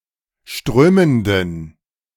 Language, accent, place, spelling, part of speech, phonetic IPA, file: German, Germany, Berlin, strömenden, adjective, [ˈʃtʁøːməndn̩], De-strömenden.ogg
- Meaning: inflection of strömend: 1. strong genitive masculine/neuter singular 2. weak/mixed genitive/dative all-gender singular 3. strong/weak/mixed accusative masculine singular 4. strong dative plural